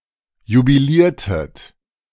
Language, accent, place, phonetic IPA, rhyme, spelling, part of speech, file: German, Germany, Berlin, [jubiˈliːɐ̯tət], -iːɐ̯tət, jubiliertet, verb, De-jubiliertet.ogg
- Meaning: inflection of jubilieren: 1. second-person plural preterite 2. second-person plural subjunctive II